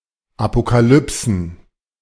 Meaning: plural of Apokalypse
- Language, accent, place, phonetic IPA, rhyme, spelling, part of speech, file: German, Germany, Berlin, [apokaˈlʏpsn̩], -ʏpsn̩, Apokalypsen, noun, De-Apokalypsen.ogg